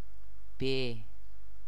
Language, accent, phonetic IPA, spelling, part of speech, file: Persian, Iran, [be], به, preposition, Fa-به.ogg
- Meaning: 1. Expresses the indirect object: to; for 2. Expresses the direction of movement: to; towards; into 3. Forms adverbial phrases of manner: by, -ly 4. Indicates the language of a text, speech, etc.: in